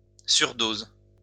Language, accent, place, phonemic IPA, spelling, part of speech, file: French, France, Lyon, /syʁ.doz/, surdose, noun, LL-Q150 (fra)-surdose.wav
- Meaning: overdose